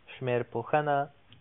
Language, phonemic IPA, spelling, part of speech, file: Pashto, /ʃmerˈpoˈhəˈna/, شمېرپوهنه, noun, Ps-شمېرپوهنه.oga
- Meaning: mathematics, maths